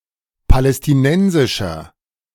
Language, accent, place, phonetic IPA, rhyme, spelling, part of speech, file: German, Germany, Berlin, [palɛstɪˈnɛnzɪʃɐ], -ɛnzɪʃɐ, palästinensischer, adjective, De-palästinensischer.ogg
- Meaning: inflection of palästinensisch: 1. strong/mixed nominative masculine singular 2. strong genitive/dative feminine singular 3. strong genitive plural